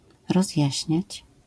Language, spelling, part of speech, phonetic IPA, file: Polish, rozjaśniać, verb, [rɔzʲˈjäɕɲät͡ɕ], LL-Q809 (pol)-rozjaśniać.wav